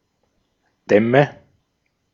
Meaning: nominative/accusative/genitive plural of Damm
- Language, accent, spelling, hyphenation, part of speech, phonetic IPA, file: German, Austria, Dämme, Däm‧me, noun, [ˈdɛmə], De-at-Dämme.ogg